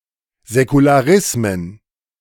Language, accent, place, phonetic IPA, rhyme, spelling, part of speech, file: German, Germany, Berlin, [zɛkulaˈʁɪsmən], -ɪsmən, Säkularismen, noun, De-Säkularismen.ogg
- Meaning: plural of Säkularismus